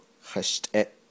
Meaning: 1. in order 2. settled 3. aside, away
- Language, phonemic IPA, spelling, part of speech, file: Navajo, /hɑ̀ʃtʼɛ̀ʔ/, hashtʼeʼ, adverb, Nv-hashtʼeʼ.ogg